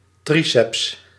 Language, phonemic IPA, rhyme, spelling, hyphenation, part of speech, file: Dutch, /ˈtri.sɛps/, -isɛps, triceps, tri‧ceps, noun, Nl-triceps.ogg
- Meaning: triceps brachii